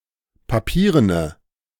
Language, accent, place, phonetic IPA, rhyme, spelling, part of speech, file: German, Germany, Berlin, [paˈpiːʁənə], -iːʁənə, papierene, adjective, De-papierene.ogg
- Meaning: inflection of papieren: 1. strong/mixed nominative/accusative feminine singular 2. strong nominative/accusative plural 3. weak nominative all-gender singular